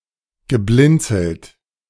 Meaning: past participle of blinzeln
- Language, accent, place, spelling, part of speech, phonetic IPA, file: German, Germany, Berlin, geblinzelt, verb, [ɡəˈblɪnt͡sl̩t], De-geblinzelt.ogg